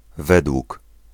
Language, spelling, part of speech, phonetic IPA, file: Polish, wg, abbreviation, [ˈvɛdwuk], Pl-wg.ogg